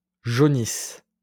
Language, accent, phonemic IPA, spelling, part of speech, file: French, France, /ʒo.nis/, jaunisse, noun / verb, LL-Q150 (fra)-jaunisse.wav
- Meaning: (noun) jaundice; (verb) inflection of jaunir: 1. first/third-person singular present subjunctive 2. first-person singular imperfect subjunctive